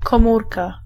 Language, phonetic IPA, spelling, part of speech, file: Polish, [kɔ̃ˈmurka], komórka, noun, Pl-komórka.ogg